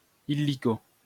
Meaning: pronto, right away
- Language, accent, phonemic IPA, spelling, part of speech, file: French, France, /i.li.ko/, illico, adverb, LL-Q150 (fra)-illico.wav